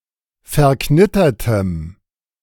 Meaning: strong dative masculine/neuter singular of verknittert
- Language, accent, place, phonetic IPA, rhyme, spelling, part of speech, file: German, Germany, Berlin, [fɛɐ̯ˈknɪtɐtəm], -ɪtɐtəm, verknittertem, adjective, De-verknittertem.ogg